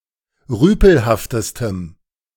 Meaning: strong dative masculine/neuter singular superlative degree of rüpelhaft
- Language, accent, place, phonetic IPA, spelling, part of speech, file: German, Germany, Berlin, [ˈʁyːpl̩haftəstəm], rüpelhaftestem, adjective, De-rüpelhaftestem.ogg